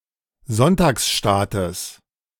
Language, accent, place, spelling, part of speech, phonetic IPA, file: German, Germany, Berlin, Sonntagsstaates, noun, [ˈzɔntaːksˌʃtaːtəs], De-Sonntagsstaates.ogg
- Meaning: genitive of Sonntagsstaat